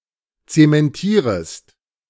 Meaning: second-person singular subjunctive I of zementieren
- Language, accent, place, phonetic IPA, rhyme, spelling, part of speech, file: German, Germany, Berlin, [ˌt͡semɛnˈtiːʁəst], -iːʁəst, zementierest, verb, De-zementierest.ogg